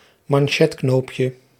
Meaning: diminutive of manchetknoop
- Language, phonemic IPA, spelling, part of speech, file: Dutch, /mɑnˈʃɛtknopjə/, manchetknoopje, noun, Nl-manchetknoopje.ogg